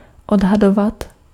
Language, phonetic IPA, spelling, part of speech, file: Czech, [ˈodɦadovat], odhadovat, verb, Cs-odhadovat.ogg
- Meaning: imperfective form of odhadnout